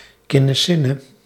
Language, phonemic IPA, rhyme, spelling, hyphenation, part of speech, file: Dutch, /ˌkɪ.nəˈsɪ.nə/, -ɪnə, kinnesinne, kin‧ne‧sin‧ne, noun, Nl-kinnesinne.ogg
- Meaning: hatred, envy, intense jealousy